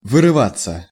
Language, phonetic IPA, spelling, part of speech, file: Russian, [vɨrɨˈvat͡sːə], вырываться, verb, Ru-вырываться.ogg
- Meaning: 1. to break away, to break loose, to escape 2. to escape (words, sound, moan, etc.) 3. passive of вырыва́ть (vyryvátʹ)